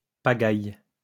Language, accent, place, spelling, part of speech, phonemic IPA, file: French, France, Lyon, pagaïe, noun, /pa.ɡaj/, LL-Q150 (fra)-pagaïe.wav
- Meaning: alternative spelling of pagaille